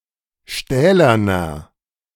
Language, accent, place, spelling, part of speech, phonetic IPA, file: German, Germany, Berlin, stählerner, adjective, [ˈʃtɛːlɐnɐ], De-stählerner.ogg
- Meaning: inflection of stählern: 1. strong/mixed nominative masculine singular 2. strong genitive/dative feminine singular 3. strong genitive plural